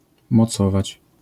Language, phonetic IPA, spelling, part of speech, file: Polish, [mɔˈt͡sɔvat͡ɕ], mocować, verb, LL-Q809 (pol)-mocować.wav